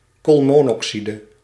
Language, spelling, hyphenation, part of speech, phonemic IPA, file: Dutch, koolmonoxide, kool‧mo‧noxi‧de, noun, /koːlmoːnɔksidə/, Nl-koolmonoxide.ogg
- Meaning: carbon monoxide